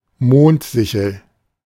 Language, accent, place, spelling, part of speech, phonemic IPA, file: German, Germany, Berlin, Mondsichel, noun, /ˈmoːntˌzɪçəl/, De-Mondsichel.ogg
- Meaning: moonsickle (thin crescent of the moon)